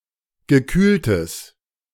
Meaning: strong/mixed nominative/accusative neuter singular of gekühlt
- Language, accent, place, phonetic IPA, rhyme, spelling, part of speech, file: German, Germany, Berlin, [ɡəˈkyːltəs], -yːltəs, gekühltes, adjective, De-gekühltes.ogg